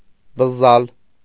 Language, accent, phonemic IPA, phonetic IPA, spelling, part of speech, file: Armenian, Eastern Armenian, /bəzˈzɑl/, [bəzːɑ́l], բզզալ, verb, Hy-բզզալ.ogg
- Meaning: to buzz, to hum